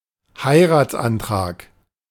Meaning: marriage proposal
- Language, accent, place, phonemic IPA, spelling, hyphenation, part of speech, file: German, Germany, Berlin, /ˈhaɪ̯ˌʁaːtsˌantʁaːk/, Heiratsantrag, Hei‧rats‧an‧trag, noun, De-Heiratsantrag.ogg